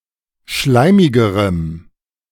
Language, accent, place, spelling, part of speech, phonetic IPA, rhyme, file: German, Germany, Berlin, schleimigerem, adjective, [ˈʃlaɪ̯mɪɡəʁəm], -aɪ̯mɪɡəʁəm, De-schleimigerem.ogg
- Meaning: strong dative masculine/neuter singular comparative degree of schleimig